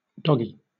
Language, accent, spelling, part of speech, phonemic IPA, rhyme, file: English, Southern England, doggy, noun / adjective / adverb, /ˈdɒ.ɡi/, -ɒɡi, LL-Q1860 (eng)-doggy.wav
- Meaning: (noun) 1. A dog, especially a small one 2. A junior temporarily assigned to do minor duties for a senior; a gofer 3. Synonym of corporal 4. Ellipsis of doggy style; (adjective) Doggy style